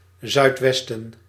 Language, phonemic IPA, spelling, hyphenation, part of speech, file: Dutch, /ˌzœy̯tˈʋɛs.tə(n)/, zuidwesten, zuid‧wes‧ten, noun, Nl-zuidwesten.ogg
- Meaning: southwest (compass point)